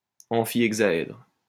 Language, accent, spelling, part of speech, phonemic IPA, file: French, France, amphihexaèdre, noun, /ɑ̃.fi.ɛɡ.za.ɛdʁ/, LL-Q150 (fra)-amphihexaèdre.wav
- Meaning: amphihexahedron